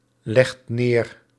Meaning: inflection of neerleggen: 1. second/third-person singular present indicative 2. plural imperative
- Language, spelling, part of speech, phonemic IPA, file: Dutch, legt neer, verb, /ˈlɛxt ˈner/, Nl-legt neer.ogg